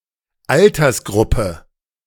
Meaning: age group
- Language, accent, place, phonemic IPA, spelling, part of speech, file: German, Germany, Berlin, /ˈaltɐsˌɡʁʊpə/, Altersgruppe, noun, De-Altersgruppe.ogg